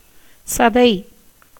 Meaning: 1. flesh (of an animal), pulp (of a fruit) 2. satay
- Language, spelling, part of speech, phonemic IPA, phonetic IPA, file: Tamil, சதை, noun, /tʃɐd̪ɐɪ̯/, [sɐd̪ɐɪ̯], Ta-சதை.ogg